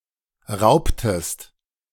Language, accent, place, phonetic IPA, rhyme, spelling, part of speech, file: German, Germany, Berlin, [ˈʁaʊ̯ptəst], -aʊ̯ptəst, raubtest, verb, De-raubtest.ogg
- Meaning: inflection of rauben: 1. second-person singular preterite 2. second-person singular subjunctive II